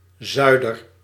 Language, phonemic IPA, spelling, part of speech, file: Dutch, /ˈzœy̯.dər/, zuider-, prefix, Nl-zuider-.ogg
- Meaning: southern